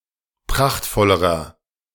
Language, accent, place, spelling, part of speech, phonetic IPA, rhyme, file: German, Germany, Berlin, prachtvollerer, adjective, [ˈpʁaxtfɔləʁɐ], -axtfɔləʁɐ, De-prachtvollerer.ogg
- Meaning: inflection of prachtvoll: 1. strong/mixed nominative masculine singular comparative degree 2. strong genitive/dative feminine singular comparative degree 3. strong genitive plural comparative degree